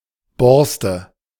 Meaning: bristle
- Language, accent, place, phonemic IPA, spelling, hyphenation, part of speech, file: German, Germany, Berlin, /ˈbɔrstə/, Borste, Bors‧te, noun, De-Borste.ogg